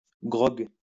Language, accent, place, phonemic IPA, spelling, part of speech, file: French, France, Lyon, /ɡʁɔɡ/, grog, noun, LL-Q150 (fra)-grog.wav
- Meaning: grog (drink made from rum)